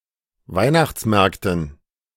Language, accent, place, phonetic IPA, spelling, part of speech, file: German, Germany, Berlin, [ˈvaɪ̯naxt͡sˌmɛʁktn̩], Weihnachtsmärkten, noun, De-Weihnachtsmärkten.ogg
- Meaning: dative plural of Weihnachtsmarkt